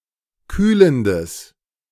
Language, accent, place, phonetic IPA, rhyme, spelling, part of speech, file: German, Germany, Berlin, [ˈkyːləndəs], -yːləndəs, kühlendes, adjective, De-kühlendes.ogg
- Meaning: strong/mixed nominative/accusative neuter singular of kühlend